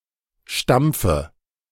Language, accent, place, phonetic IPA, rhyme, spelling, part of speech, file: German, Germany, Berlin, [ˈʃtamp͡fə], -amp͡fə, stampfe, verb, De-stampfe.ogg
- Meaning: inflection of stampfen: 1. first-person singular present 2. first/third-person singular subjunctive I 3. singular imperative